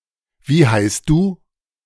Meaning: what is your name (casual)
- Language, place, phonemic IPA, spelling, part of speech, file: German, Berlin, /viː haɪst duː/, wie heißt du, phrase, De-Wie heißt du?.ogg